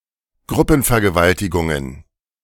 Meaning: plural of Gruppenvergewaltigung
- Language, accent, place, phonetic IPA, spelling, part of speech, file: German, Germany, Berlin, [ˈɡʁʊpn̩fɛɐ̯ɡəˌvaltɪɡʊŋən], Gruppenvergewaltigungen, noun, De-Gruppenvergewaltigungen.ogg